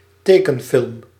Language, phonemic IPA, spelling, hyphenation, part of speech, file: Dutch, /ˈteː.kənˌfɪlm/, tekenfilm, te‧ken‧film, noun, Nl-tekenfilm.ogg
- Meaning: an animated cartoon, especially a full-length cartoon film